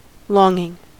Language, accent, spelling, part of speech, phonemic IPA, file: English, US, longing, verb / adjective / noun, /ˈlɔːŋɪŋ/, En-us-longing.ogg
- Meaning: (verb) present participle and gerund of long; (noun) An earnest and deep, not greatly passionate, but rather melancholic desire